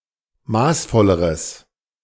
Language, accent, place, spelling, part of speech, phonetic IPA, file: German, Germany, Berlin, maßvolleres, adjective, [ˈmaːsˌfɔləʁəs], De-maßvolleres.ogg
- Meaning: strong/mixed nominative/accusative neuter singular comparative degree of maßvoll